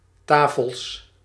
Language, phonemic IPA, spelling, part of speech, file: Dutch, /ˈtafəɫs/, tafels, noun, Nl-tafels.ogg
- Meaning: plural of tafel